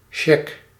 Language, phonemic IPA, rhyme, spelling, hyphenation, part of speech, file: Dutch, /ʃɛk/, -ɛk, shag, shag, noun, Nl-shag.ogg
- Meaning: shag (coarse shredded tobacco)